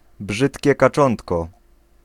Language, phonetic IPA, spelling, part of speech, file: Polish, [ˈbʒɨtʲcɛ kaˈt͡ʃɔ̃ntkɔ], brzydkie kaczątko, noun, Pl-brzydkie kaczątko.ogg